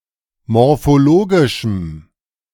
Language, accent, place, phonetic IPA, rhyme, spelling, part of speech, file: German, Germany, Berlin, [mɔʁfoˈloːɡɪʃm̩], -oːɡɪʃm̩, morphologischem, adjective, De-morphologischem.ogg
- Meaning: strong dative masculine/neuter singular of morphologisch